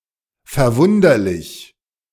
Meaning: amazingˌ astonishingˌ remarkableˌ strangeˌ surprisingˌ wondrous
- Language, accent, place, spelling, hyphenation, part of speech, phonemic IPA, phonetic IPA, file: German, Germany, Berlin, verwunderlich, ver‧wun‧der‧lich, adjective, /fɛʁˈvʊndəʁlɪç/, [fɛɐ̯ˈvʊndɐlɪç], De-verwunderlich.ogg